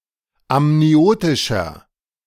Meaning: inflection of amniotisch: 1. strong/mixed nominative masculine singular 2. strong genitive/dative feminine singular 3. strong genitive plural
- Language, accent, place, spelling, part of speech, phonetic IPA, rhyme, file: German, Germany, Berlin, amniotischer, adjective, [amniˈoːtɪʃɐ], -oːtɪʃɐ, De-amniotischer.ogg